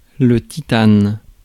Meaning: titanium
- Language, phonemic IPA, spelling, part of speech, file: French, /ti.tan/, titane, noun, Fr-titane.ogg